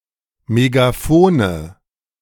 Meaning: nominative/accusative/genitive plural of Megafon
- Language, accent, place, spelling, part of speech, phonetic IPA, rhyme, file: German, Germany, Berlin, Megafone, noun, [meɡaˈfoːnə], -oːnə, De-Megafone.ogg